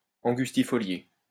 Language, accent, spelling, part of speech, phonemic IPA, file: French, France, angustifolié, adjective, /ɑ̃.ɡys.ti.fɔ.lje/, LL-Q150 (fra)-angustifolié.wav
- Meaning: angustifoliate